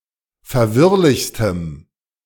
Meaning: strong dative masculine/neuter singular superlative degree of verwirrlich
- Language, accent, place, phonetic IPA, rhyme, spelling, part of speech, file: German, Germany, Berlin, [fɛɐ̯ˈvɪʁlɪçstəm], -ɪʁlɪçstəm, verwirrlichstem, adjective, De-verwirrlichstem.ogg